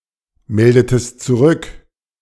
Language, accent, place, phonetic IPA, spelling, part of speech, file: German, Germany, Berlin, [ˌmɛldətəst t͡suˈʁʏk], meldetest zurück, verb, De-meldetest zurück.ogg
- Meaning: inflection of zurückmelden: 1. second-person singular preterite 2. second-person singular subjunctive II